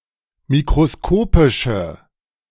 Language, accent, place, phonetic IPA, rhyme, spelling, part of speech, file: German, Germany, Berlin, [mikʁoˈskoːpɪʃə], -oːpɪʃə, mikroskopische, adjective, De-mikroskopische.ogg
- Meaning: inflection of mikroskopisch: 1. strong/mixed nominative/accusative feminine singular 2. strong nominative/accusative plural 3. weak nominative all-gender singular